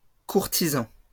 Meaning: plural of courtisan
- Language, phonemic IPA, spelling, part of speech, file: French, /kuʁ.ti.zɑ̃/, courtisans, noun, LL-Q150 (fra)-courtisans.wav